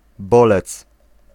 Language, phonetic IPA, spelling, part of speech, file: Polish, [ˈbɔlɛt͡s], bolec, noun, Pl-bolec.ogg